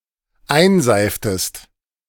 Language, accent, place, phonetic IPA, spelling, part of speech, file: German, Germany, Berlin, [ˈaɪ̯nˌzaɪ̯ftəst], einseiftest, verb, De-einseiftest.ogg
- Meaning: inflection of einseifen: 1. second-person singular dependent preterite 2. second-person singular dependent subjunctive II